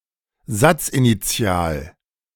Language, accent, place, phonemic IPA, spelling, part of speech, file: German, Germany, Berlin, /ˈzat͡sʔiniˌt͡si̯aːl/, satzinitial, adjective, De-satzinitial.ogg
- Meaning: at the beginning of a sentence